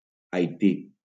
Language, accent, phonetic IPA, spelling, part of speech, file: Catalan, Valencia, [ajˈti], Haití, proper noun, LL-Q7026 (cat)-Haití.wav
- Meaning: Haiti (a country in the Caribbean)